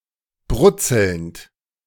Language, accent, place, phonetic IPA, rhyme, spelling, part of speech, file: German, Germany, Berlin, [ˈbʁʊt͡sl̩nt], -ʊt͡sl̩nt, brutzelnd, verb, De-brutzelnd.ogg
- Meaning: present participle of brutzeln